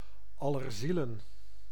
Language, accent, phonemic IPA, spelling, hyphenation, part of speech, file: Dutch, Netherlands, /ˌɑ.lərˈzi.lə(n)/, Allerzielen, Al‧ler‧zie‧len, proper noun, Nl-Allerzielen.ogg
- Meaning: All Souls' Day (November 2nd)